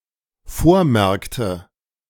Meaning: inflection of vormerken: 1. first/third-person singular dependent preterite 2. first/third-person singular dependent subjunctive II
- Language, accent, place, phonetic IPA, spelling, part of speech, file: German, Germany, Berlin, [ˈfoːɐ̯ˌmɛʁktə], vormerkte, verb, De-vormerkte.ogg